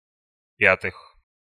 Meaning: genitive/prepositional plural of пя́тая (pjátaja)
- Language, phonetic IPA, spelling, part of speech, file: Russian, [ˈpʲatɨx], пятых, noun, Ru-пятых.ogg